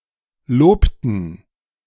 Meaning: inflection of loben: 1. first/third-person plural preterite 2. first/third-person plural subjunctive II
- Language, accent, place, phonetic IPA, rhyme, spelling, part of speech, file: German, Germany, Berlin, [ˈloːptn̩], -oːptn̩, lobten, verb, De-lobten.ogg